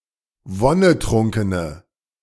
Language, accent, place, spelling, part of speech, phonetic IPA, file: German, Germany, Berlin, wonnetrunkene, adjective, [ˈvɔnəˌtʁʊŋkənə], De-wonnetrunkene.ogg
- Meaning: inflection of wonnetrunken: 1. strong/mixed nominative/accusative feminine singular 2. strong nominative/accusative plural 3. weak nominative all-gender singular